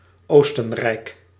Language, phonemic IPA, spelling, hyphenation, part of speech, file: Dutch, /ˈoːs.tə(n)ˌrɛi̯k/, Oostenrijk, Oos‧ten‧rijk, proper noun, Nl-Oostenrijk.ogg
- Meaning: 1. Austria (a country in Central Europe) 2. a hamlet in Horst aan de Maas, Limburg, Netherlands